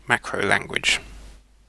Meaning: Alternative spelling of macro language (“system for defining and processing macros”)
- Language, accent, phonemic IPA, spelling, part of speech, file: English, UK, /ˈmækɹəʊˌlæŋɡwɪdʒ/, macrolanguage, noun, En-uk-macrolanguage.ogg